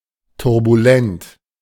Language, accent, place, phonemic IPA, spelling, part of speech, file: German, Germany, Berlin, /tʊʁbuˈlɛnt/, turbulent, adjective, De-turbulent.ogg
- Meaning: turbulent